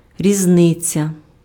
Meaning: difference
- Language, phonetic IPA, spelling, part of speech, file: Ukrainian, [rʲizˈnɪt͡sʲɐ], різниця, noun, Uk-різниця.ogg